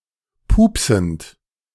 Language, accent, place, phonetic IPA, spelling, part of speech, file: German, Germany, Berlin, [ˈpuːpsn̩t], pupsend, verb, De-pupsend.ogg
- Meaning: present participle of pupsen